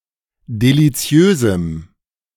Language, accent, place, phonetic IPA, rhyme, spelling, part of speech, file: German, Germany, Berlin, [deliˈt͡si̯øːzm̩], -øːzm̩, deliziösem, adjective, De-deliziösem.ogg
- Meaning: strong dative masculine/neuter singular of deliziös